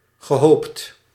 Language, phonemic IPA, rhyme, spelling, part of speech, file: Dutch, /ɣə.ˈɦoːpt/, -oːpt, gehoopt, verb, Nl-gehoopt.ogg
- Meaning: past participle of hopen